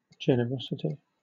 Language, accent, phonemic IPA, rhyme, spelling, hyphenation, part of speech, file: English, Southern England, /ˌd͡ʒɛn.əˈɹɒs.ɪ.ti/, -ɒsɪti, generosity, ge‧ne‧ros‧i‧ty, noun, LL-Q1860 (eng)-generosity.wav
- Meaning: The trait of being willing to donate money, resources, or time